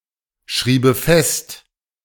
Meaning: first/third-person singular subjunctive II of festschreiben
- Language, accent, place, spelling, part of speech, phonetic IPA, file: German, Germany, Berlin, schriebe fest, verb, [ˌʃʁiːbə ˈfɛst], De-schriebe fest.ogg